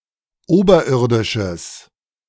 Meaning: strong/mixed nominative/accusative neuter singular of oberirdisch
- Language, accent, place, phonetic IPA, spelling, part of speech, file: German, Germany, Berlin, [ˈoːbɐˌʔɪʁdɪʃəs], oberirdisches, adjective, De-oberirdisches.ogg